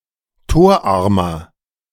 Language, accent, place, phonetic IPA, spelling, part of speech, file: German, Germany, Berlin, [ˈtoːɐ̯ˌʔaʁmɐ], torarmer, adjective, De-torarmer.ogg
- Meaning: inflection of torarm: 1. strong/mixed nominative masculine singular 2. strong genitive/dative feminine singular 3. strong genitive plural